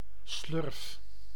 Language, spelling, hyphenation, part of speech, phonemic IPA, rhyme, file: Dutch, slurf, slurf, noun, /slʏrf/, -ʏrf, Nl-slurf.ogg
- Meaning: 1. trunk (extended nasal organ of certain animals, like the elephant) 2. penis, dick 3. jet bridge 4. obsolete form of slurp (“slurpy gulp; slurpy noise”)